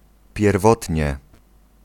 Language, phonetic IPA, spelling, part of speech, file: Polish, [pʲjɛrˈvɔtʲɲɛ], pierwotnie, adverb, Pl-pierwotnie.ogg